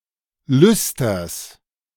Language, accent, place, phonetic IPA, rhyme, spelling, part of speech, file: German, Germany, Berlin, [ˈlʏstɐs], -ʏstɐs, Lüsters, noun, De-Lüsters.ogg
- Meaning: genitive singular of Lüster